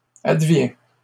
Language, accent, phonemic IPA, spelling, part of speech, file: French, Canada, /ad.vjɛ̃/, advient, verb, LL-Q150 (fra)-advient.wav
- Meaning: third-person singular present indicative of advenir